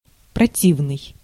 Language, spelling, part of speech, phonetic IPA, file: Russian, противный, adjective, [prɐˈtʲivnɨj], Ru-противный.ogg
- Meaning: 1. disgusting, repulsive, nasty 2. contrary, adverse 3. naughty, mischievous